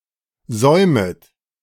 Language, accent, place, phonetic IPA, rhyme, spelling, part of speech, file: German, Germany, Berlin, [ˈzɔɪ̯mət], -ɔɪ̯mət, säumet, verb, De-säumet.ogg
- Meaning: second-person plural subjunctive I of säumen